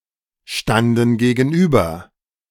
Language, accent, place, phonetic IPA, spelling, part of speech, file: German, Germany, Berlin, [ˌʃtandn̩ ɡeːɡn̩ˈʔyːbɐ], standen gegenüber, verb, De-standen gegenüber.ogg
- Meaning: first/third-person plural preterite of gegenüberstehen